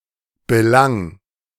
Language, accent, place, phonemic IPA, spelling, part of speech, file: German, Germany, Berlin, /bəˈlaŋ/, belang, verb, De-belang.ogg
- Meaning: 1. singular imperative of belangen 2. first-person singular present of belangen